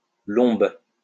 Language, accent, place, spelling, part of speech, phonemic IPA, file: French, France, Lyon, lombes, noun, /lɔ̃b/, LL-Q150 (fra)-lombes.wav
- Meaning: loins